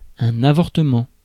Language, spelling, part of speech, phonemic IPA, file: French, avortement, noun, /a.vɔʁ.tə.mɑ̃/, Fr-avortement.ogg
- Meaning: abortion, termination